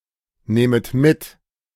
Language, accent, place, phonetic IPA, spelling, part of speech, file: German, Germany, Berlin, [ˌnɛːmət ˈmɪt], nähmet mit, verb, De-nähmet mit.ogg
- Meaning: second-person plural subjunctive II of mitnehmen